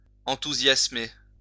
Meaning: 1. to enthuse 2. to be enthusiastic about
- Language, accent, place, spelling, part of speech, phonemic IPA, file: French, France, Lyon, enthousiasmer, verb, /ɑ̃.tu.zjas.me/, LL-Q150 (fra)-enthousiasmer.wav